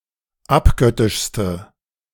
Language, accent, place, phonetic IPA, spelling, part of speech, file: German, Germany, Berlin, [ˈapˌɡœtɪʃstə], abgöttischste, adjective, De-abgöttischste.ogg
- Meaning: inflection of abgöttisch: 1. strong/mixed nominative/accusative feminine singular superlative degree 2. strong nominative/accusative plural superlative degree